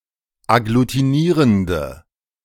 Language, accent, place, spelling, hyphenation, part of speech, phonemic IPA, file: German, Germany, Berlin, agglutinierende, ag‧glu‧ti‧nie‧ren‧de, adjective, /aɡlutiˈniːʁəndə/, De-agglutinierende.ogg
- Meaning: inflection of agglutinierend: 1. strong/mixed nominative/accusative feminine singular 2. strong nominative/accusative plural 3. weak nominative all-gender singular